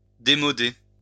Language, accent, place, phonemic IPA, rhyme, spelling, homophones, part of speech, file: French, France, Lyon, /de.mɔ.de/, -e, démoder, démodé / démodée / démodées / démodés / démodez, verb, LL-Q150 (fra)-démoder.wav
- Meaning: to go out of fashion